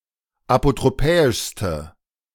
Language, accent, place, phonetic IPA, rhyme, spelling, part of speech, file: German, Germany, Berlin, [apotʁoˈpɛːɪʃstə], -ɛːɪʃstə, apotropäischste, adjective, De-apotropäischste.ogg
- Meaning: inflection of apotropäisch: 1. strong/mixed nominative/accusative feminine singular superlative degree 2. strong nominative/accusative plural superlative degree